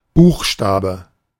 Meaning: 1. letter (of the alphabet) 2. letter (a division unit of a piece of law marked by letters)
- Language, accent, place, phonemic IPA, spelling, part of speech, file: German, Germany, Berlin, /ˈbuːxʃtaːbə/, Buchstabe, noun, De-Buchstabe.ogg